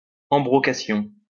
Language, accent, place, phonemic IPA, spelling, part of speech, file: French, France, Lyon, /ɑ̃.bʁɔ.ka.sjɔ̃/, embrocation, noun, LL-Q150 (fra)-embrocation.wav
- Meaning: embrocation